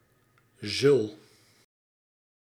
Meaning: second-person singular present indicative of zullen
- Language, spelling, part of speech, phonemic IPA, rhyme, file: Dutch, zul, verb, /zʏl/, -ʏl, Nl-zul.ogg